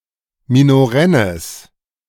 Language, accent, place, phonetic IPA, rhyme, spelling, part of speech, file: German, Germany, Berlin, [minoˈʁɛnəs], -ɛnəs, minorennes, adjective, De-minorennes.ogg
- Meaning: strong/mixed nominative/accusative neuter singular of minorenn